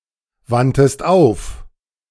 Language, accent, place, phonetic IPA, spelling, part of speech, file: German, Germany, Berlin, [ˌvantəst ˈaʊ̯f], wandtest auf, verb, De-wandtest auf.ogg
- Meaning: 1. first-person singular preterite of aufwenden 2. third-person singular preterite of aufwenden# second-person singular preterite of aufwenden